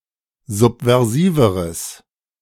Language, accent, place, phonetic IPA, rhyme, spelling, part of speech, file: German, Germany, Berlin, [ˌzupvɛʁˈziːvəʁəs], -iːvəʁəs, subversiveres, adjective, De-subversiveres.ogg
- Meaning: strong/mixed nominative/accusative neuter singular comparative degree of subversiv